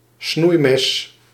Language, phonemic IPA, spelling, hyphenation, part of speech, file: Dutch, /ˈsnui̯.mɛs/, snoeimes, snoei‧mes, noun, Nl-snoeimes.ogg
- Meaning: a pair of pruning shears